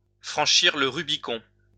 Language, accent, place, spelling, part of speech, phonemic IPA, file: French, France, Lyon, franchir le Rubicon, verb, /fʁɑ̃.ʃiʁ lə ʁy.bi.kɔ̃/, LL-Q150 (fra)-franchir le Rubicon.wav
- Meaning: to cross the Rubicon